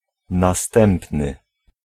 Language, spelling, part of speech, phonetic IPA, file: Polish, następny, adjective / noun, [naˈstɛ̃mpnɨ], Pl-następny.ogg